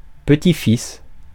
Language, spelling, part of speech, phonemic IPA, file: French, petit-fils, noun, /pə.ti.fis/, Fr-petit-fils.ogg
- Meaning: grandson